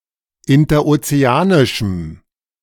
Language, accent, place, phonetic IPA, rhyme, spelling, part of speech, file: German, Germany, Berlin, [ɪntɐʔot͡seˈaːnɪʃm̩], -aːnɪʃm̩, interozeanischem, adjective, De-interozeanischem.ogg
- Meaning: strong dative masculine/neuter singular of interozeanisch